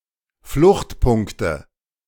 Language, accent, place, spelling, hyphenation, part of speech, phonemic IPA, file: German, Germany, Berlin, Fluchtpunkte, Flucht‧punk‧te, noun, /ˈflʊxtˌpʊŋktə/, De-Fluchtpunkte.ogg
- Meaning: nominative/accusative/genitive plural of Fluchtpunkt